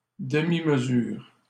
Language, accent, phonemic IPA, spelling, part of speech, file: French, Canada, /də.mi.m(ə).zyʁ/, demi-mesure, noun, LL-Q150 (fra)-demi-mesure.wav
- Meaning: half-measure, inadequate measure